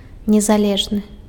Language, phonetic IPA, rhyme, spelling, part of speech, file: Belarusian, [nʲezaˈlʲeʐnɨ], -eʐnɨ, незалежны, adjective, Be-незалежны.ogg
- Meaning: independent